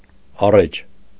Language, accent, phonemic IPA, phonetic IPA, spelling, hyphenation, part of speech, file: Armenian, Eastern Armenian, /ɑˈret͡ʃʰ/, [ɑrét͡ʃʰ], առէջ, ա‧ռէջ, noun, Hy-առէջ.ogg
- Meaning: 1. threads running along the length of cloth, warp 2. stamen 3. twigs that are used to make the basic woven framework of baskets 4. shuttle 5. spindle 6. cylindrical part of the loom made of a reed